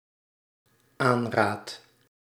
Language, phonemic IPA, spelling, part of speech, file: Dutch, /ˈanrat/, aanraad, verb, Nl-aanraad.ogg
- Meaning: first-person singular dependent-clause present indicative of aanraden